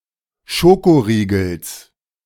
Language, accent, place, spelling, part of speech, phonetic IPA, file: German, Germany, Berlin, Schokoriegels, noun, [ˈʃokoʁiːɡl̩s], De-Schokoriegels.ogg
- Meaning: genitive singular of Schokoriegel